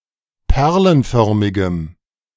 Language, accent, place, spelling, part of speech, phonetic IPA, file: German, Germany, Berlin, perlenförmigem, adjective, [ˈpɛʁlənˌfœʁmɪɡəm], De-perlenförmigem.ogg
- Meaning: strong dative masculine/neuter singular of perlenförmig